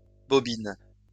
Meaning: plural of bobine
- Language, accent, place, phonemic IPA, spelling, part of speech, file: French, France, Lyon, /bɔ.bin/, bobines, noun, LL-Q150 (fra)-bobines.wav